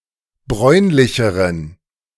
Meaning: inflection of bräunlich: 1. strong genitive masculine/neuter singular comparative degree 2. weak/mixed genitive/dative all-gender singular comparative degree
- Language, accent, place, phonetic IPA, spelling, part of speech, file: German, Germany, Berlin, [ˈbʁɔɪ̯nlɪçəʁən], bräunlicheren, adjective, De-bräunlicheren.ogg